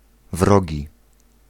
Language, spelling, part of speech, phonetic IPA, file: Polish, wrogi, adjective / noun, [ˈvrɔɟi], Pl-wrogi.ogg